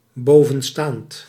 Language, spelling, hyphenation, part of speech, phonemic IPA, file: Dutch, bovenstaand, bo‧ven‧staand, adjective, /ˈboː.və(n)ˌstaːnt/, Nl-bovenstaand.ogg
- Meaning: written/shown/mentioned above